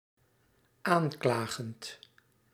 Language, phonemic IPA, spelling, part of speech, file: Dutch, /ˈaɲklaɣənt/, aanklagend, verb, Nl-aanklagend.ogg
- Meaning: present participle of aanklagen